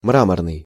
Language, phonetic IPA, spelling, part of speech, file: Russian, [ˈmramərnɨj], мраморный, adjective, Ru-мраморный.ogg
- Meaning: 1. marble (crystalline limestone) 2. marble-like 3. white, smooth (of a body part or its skin) 4. marbled, spotted (of an animal)